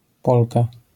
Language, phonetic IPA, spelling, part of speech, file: Polish, [ˈpɔlka], polka, noun, LL-Q809 (pol)-polka.wav